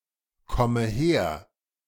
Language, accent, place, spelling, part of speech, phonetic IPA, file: German, Germany, Berlin, komme her, verb, [ˌkɔmə ˈheːɐ̯], De-komme her.ogg
- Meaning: inflection of herkommen: 1. first-person singular present 2. first/third-person singular subjunctive I 3. singular imperative